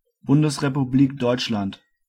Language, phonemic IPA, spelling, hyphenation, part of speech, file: German, /ˈbʊndəsʁepuˌbliːk ˈdɔʏ̯t͡ʃlant/, Bundesrepublik Deutschland, Bun‧des‧re‧pu‧b‧lik Deutsch‧land, proper noun, De-Bundesrepublik Deutschland.ogg
- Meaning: Federal Republic of Germany (official name of West Germany: a former country in Central Europe)